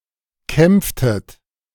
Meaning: inflection of kämpfen: 1. second-person plural preterite 2. second-person plural subjunctive II
- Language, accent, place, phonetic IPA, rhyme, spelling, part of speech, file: German, Germany, Berlin, [ˈkɛmp͡ftət], -ɛmp͡ftət, kämpftet, verb, De-kämpftet.ogg